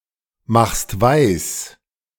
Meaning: second-person singular present of weismachen
- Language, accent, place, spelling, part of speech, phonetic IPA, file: German, Germany, Berlin, machst weis, verb, [ˌmaxst ˈvaɪ̯s], De-machst weis.ogg